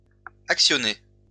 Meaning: feminine singular of actionné
- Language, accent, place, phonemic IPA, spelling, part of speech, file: French, France, Lyon, /ak.sjɔ.ne/, actionnée, verb, LL-Q150 (fra)-actionnée.wav